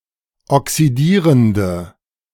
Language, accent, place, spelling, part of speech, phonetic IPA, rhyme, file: German, Germany, Berlin, oxidierende, adjective, [ɔksiˈdiːʁəndə], -iːʁəndə, De-oxidierende.ogg
- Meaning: inflection of oxidierend: 1. strong/mixed nominative/accusative feminine singular 2. strong nominative/accusative plural 3. weak nominative all-gender singular